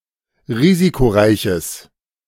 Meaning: strong/mixed nominative/accusative neuter singular of risikoreich
- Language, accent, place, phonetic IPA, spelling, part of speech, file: German, Germany, Berlin, [ˈʁiːzikoˌʁaɪ̯çəs], risikoreiches, adjective, De-risikoreiches.ogg